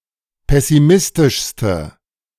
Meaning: inflection of pessimistisch: 1. strong/mixed nominative/accusative feminine singular superlative degree 2. strong nominative/accusative plural superlative degree
- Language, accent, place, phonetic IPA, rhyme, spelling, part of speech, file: German, Germany, Berlin, [ˌpɛsiˈmɪstɪʃstə], -ɪstɪʃstə, pessimistischste, adjective, De-pessimistischste.ogg